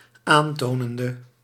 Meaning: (adjective) inflection of aantonend: 1. masculine/feminine singular attributive 2. definite neuter singular attributive 3. plural attributive
- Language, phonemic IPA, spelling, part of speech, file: Dutch, /anˈtonəndə/, aantonende, verb / adjective, Nl-aantonende.ogg